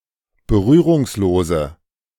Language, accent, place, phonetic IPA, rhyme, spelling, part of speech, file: German, Germany, Berlin, [bəˈʁyːʁʊŋsˌloːzə], -yːʁʊŋsloːzə, berührungslose, adjective, De-berührungslose.ogg
- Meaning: inflection of berührungslos: 1. strong/mixed nominative/accusative feminine singular 2. strong nominative/accusative plural 3. weak nominative all-gender singular